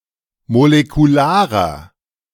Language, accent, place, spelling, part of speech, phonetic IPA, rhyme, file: German, Germany, Berlin, molekularer, adjective, [molekuˈlaːʁɐ], -aːʁɐ, De-molekularer.ogg
- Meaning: inflection of molekular: 1. strong/mixed nominative masculine singular 2. strong genitive/dative feminine singular 3. strong genitive plural